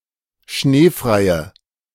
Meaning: inflection of schneefrei: 1. strong/mixed nominative/accusative feminine singular 2. strong nominative/accusative plural 3. weak nominative all-gender singular
- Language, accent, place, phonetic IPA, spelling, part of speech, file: German, Germany, Berlin, [ˈʃneːfʁaɪ̯ə], schneefreie, adjective, De-schneefreie.ogg